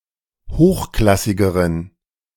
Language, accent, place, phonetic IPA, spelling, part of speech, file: German, Germany, Berlin, [ˈhoːxˌklasɪɡəʁən], hochklassigeren, adjective, De-hochklassigeren.ogg
- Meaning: inflection of hochklassig: 1. strong genitive masculine/neuter singular comparative degree 2. weak/mixed genitive/dative all-gender singular comparative degree